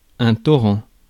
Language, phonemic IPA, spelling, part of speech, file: French, /tɔ.ʁɑ̃/, torrent, noun, Fr-torrent.ogg
- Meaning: a torrent